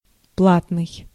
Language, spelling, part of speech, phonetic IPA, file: Russian, платный, adjective, [ˈpɫatnɨj], Ru-платный.ogg
- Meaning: pay, chargeable (requiring payment; operable or accessible on deposit of coins)